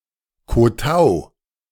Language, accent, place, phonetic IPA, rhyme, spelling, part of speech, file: German, Germany, Berlin, [koˈtaʊ̯], -aʊ̯, Kotau, noun, De-Kotau.ogg
- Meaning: kowtow (act of showing obeisance)